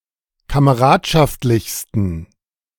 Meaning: 1. superlative degree of kameradschaftlich 2. inflection of kameradschaftlich: strong genitive masculine/neuter singular superlative degree
- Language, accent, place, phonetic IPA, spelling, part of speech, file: German, Germany, Berlin, [kaməˈʁaːtʃaftlɪçstn̩], kameradschaftlichsten, adjective, De-kameradschaftlichsten.ogg